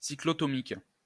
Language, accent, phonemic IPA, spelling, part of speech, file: French, France, /si.klɔ.tɔ.mik/, cyclotomique, adjective, LL-Q150 (fra)-cyclotomique.wav
- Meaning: cyclotomic